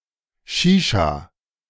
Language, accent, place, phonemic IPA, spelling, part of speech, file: German, Germany, Berlin, /ˈʃiːʃa/, Shisha, noun, De-Shisha.ogg
- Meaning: shisha, hookah (pipe with a long flexible tube that draws the smoke through water)